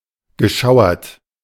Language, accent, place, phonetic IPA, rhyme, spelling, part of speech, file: German, Germany, Berlin, [ɡəˈʃaʊ̯ɐt], -aʊ̯ɐt, geschauert, verb, De-geschauert.ogg
- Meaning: past participle of schauern